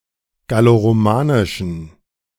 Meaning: inflection of galloromanisch: 1. strong genitive masculine/neuter singular 2. weak/mixed genitive/dative all-gender singular 3. strong/weak/mixed accusative masculine singular 4. strong dative plural
- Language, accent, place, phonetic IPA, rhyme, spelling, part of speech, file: German, Germany, Berlin, [ɡaloʁoˈmaːnɪʃn̩], -aːnɪʃn̩, galloromanischen, adjective, De-galloromanischen.ogg